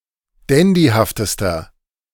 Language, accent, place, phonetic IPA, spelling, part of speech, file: German, Germany, Berlin, [ˈdɛndihaftəstɐ], dandyhaftester, adjective, De-dandyhaftester.ogg
- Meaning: inflection of dandyhaft: 1. strong/mixed nominative masculine singular superlative degree 2. strong genitive/dative feminine singular superlative degree 3. strong genitive plural superlative degree